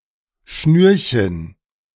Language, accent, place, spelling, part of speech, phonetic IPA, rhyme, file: German, Germany, Berlin, Schnürchen, noun, [ˈʃnyːɐ̯çən], -yːɐ̯çən, De-Schnürchen.ogg
- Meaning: diminutive of Schnur